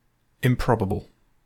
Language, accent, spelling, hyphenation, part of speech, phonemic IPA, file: English, UK, improbable, im‧prob‧a‧ble, adjective, /ɪmˈpɹɒbəbl̩/, En-GB-improbable.ogg
- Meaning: 1. Not likely to be true 2. Not likely to happen